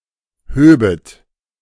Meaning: second-person plural subjunctive II of heben
- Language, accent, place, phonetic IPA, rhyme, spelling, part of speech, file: German, Germany, Berlin, [ˈhøːbət], -øːbət, höbet, verb, De-höbet.ogg